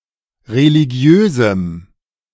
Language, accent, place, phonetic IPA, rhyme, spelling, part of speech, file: German, Germany, Berlin, [ʁeliˈɡi̯øːzm̩], -øːzm̩, religiösem, adjective, De-religiösem.ogg
- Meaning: strong dative masculine/neuter singular of religiös